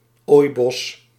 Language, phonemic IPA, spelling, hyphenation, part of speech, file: Dutch, /ˈoːi̯.bɔs/, ooibos, ooi‧bos, noun, Nl-ooibos.ogg
- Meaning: a riparian forest